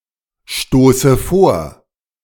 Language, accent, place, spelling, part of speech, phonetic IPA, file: German, Germany, Berlin, stoße vor, verb, [ˌʃtoːsə ˈfoːɐ̯], De-stoße vor.ogg
- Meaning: inflection of vorstoßen: 1. first-person singular present 2. first/third-person singular subjunctive I 3. singular imperative